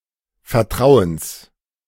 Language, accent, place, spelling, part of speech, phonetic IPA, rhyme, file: German, Germany, Berlin, Vertrauens, noun, [fɛɐ̯ˈtʁaʊ̯əns], -aʊ̯əns, De-Vertrauens.ogg
- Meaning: genitive singular of Vertrauen